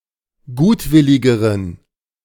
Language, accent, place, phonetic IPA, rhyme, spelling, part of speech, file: German, Germany, Berlin, [ˈɡuːtˌvɪlɪɡəʁən], -uːtvɪlɪɡəʁən, gutwilligeren, adjective, De-gutwilligeren.ogg
- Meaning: inflection of gutwillig: 1. strong genitive masculine/neuter singular comparative degree 2. weak/mixed genitive/dative all-gender singular comparative degree